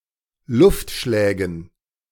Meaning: dative plural of Luftschlag
- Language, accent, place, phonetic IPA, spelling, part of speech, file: German, Germany, Berlin, [ˈlʊftˌʃlɛːɡn̩], Luftschlägen, noun, De-Luftschlägen.ogg